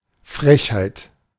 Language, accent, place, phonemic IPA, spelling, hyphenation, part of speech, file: German, Germany, Berlin, /ˈfʁɛçhaɪ̯t/, Frechheit, Frech‧heit, noun, De-Frechheit.ogg
- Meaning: insolence, impudence, cheek